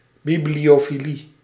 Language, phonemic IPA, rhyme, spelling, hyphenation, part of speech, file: Dutch, /ˌbiblioːfiˈli/, -i, bibliofilie, bi‧blio‧fi‧lie, noun, Nl-bibliofilie.ogg
- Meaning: bibliophilia